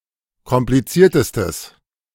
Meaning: strong/mixed nominative/accusative neuter singular superlative degree of kompliziert
- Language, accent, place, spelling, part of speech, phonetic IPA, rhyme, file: German, Germany, Berlin, kompliziertestes, adjective, [kɔmpliˈt͡siːɐ̯təstəs], -iːɐ̯təstəs, De-kompliziertestes.ogg